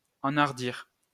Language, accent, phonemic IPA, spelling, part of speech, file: French, France, /ɑ̃.aʁ.diʁ/, enhardir, verb, LL-Q150 (fra)-enhardir.wav
- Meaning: to embolden